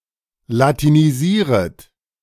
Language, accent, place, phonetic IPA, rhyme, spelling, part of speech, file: German, Germany, Berlin, [latiniˈziːʁət], -iːʁət, latinisieret, verb, De-latinisieret.ogg
- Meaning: second-person plural subjunctive I of latinisieren